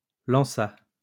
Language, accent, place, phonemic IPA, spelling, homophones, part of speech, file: French, France, Lyon, /lɑ̃.sa/, lanças, lança / lançât, verb, LL-Q150 (fra)-lanças.wav
- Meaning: second-person singular past historic of lancer